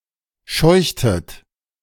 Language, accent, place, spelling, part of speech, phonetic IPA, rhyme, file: German, Germany, Berlin, scheuchtet, verb, [ˈʃɔɪ̯çtət], -ɔɪ̯çtət, De-scheuchtet.ogg
- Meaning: inflection of scheuchen: 1. second-person plural preterite 2. second-person plural subjunctive II